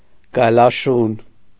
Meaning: 1. jackal 2. wolf dog (dog trained to hunt wolves) 3. wolf dog (hybrid between a wolf and a dog)
- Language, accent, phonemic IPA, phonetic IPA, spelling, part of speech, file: Armenian, Eastern Armenian, /ɡɑjlɑˈʃun/, [ɡɑjlɑʃún], գայլաշուն, noun, Hy-գայլաշուն.ogg